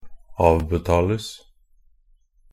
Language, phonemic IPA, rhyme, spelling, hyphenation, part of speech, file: Norwegian Bokmål, /ˈɑːʋbɛtɑːləs/, -əs, avbetales, av‧be‧ta‧les, verb, Nb-avbetales.ogg
- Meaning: passive of avbetale